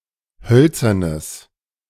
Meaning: strong/mixed nominative/accusative neuter singular of hölzern
- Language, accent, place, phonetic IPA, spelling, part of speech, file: German, Germany, Berlin, [ˈhœlt͡sɐnəs], hölzernes, adjective, De-hölzernes.ogg